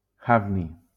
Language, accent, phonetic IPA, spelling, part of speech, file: Catalan, Valencia, [ˈav.ni], hafni, noun, LL-Q7026 (cat)-hafni.wav
- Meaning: hafnium